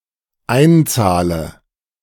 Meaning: inflection of einzahlen: 1. first-person singular dependent present 2. first/third-person singular dependent subjunctive I
- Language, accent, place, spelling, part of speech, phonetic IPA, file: German, Germany, Berlin, einzahle, verb, [ˈaɪ̯nˌt͡saːlə], De-einzahle.ogg